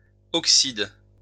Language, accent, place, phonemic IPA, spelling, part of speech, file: French, France, Lyon, /ɔk.sid/, oxydes, noun / verb, LL-Q150 (fra)-oxydes.wav
- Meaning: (noun) plural of oxyde; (verb) second-person singular present indicative/subjunctive of oxyder